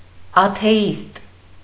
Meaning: atheist
- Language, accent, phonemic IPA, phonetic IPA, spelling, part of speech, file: Armenian, Eastern Armenian, /ɑtʰeˈist/, [ɑtʰe(j)íst], աթեիստ, noun, Hy-աթեիստ.ogg